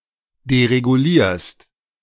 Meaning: second-person singular present of deregulieren
- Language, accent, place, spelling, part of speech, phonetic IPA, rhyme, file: German, Germany, Berlin, deregulierst, verb, [deʁeɡuˈliːɐ̯st], -iːɐ̯st, De-deregulierst.ogg